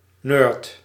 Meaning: nerd
- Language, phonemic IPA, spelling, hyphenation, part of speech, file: Dutch, /nøːrt/, nerd, nerd, noun, Nl-nerd.ogg